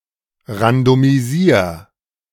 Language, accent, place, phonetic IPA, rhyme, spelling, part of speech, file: German, Germany, Berlin, [ʁandomiˈziːɐ̯], -iːɐ̯, randomisier, verb, De-randomisier.ogg
- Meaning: 1. singular imperative of randomisieren 2. first-person singular present of randomisieren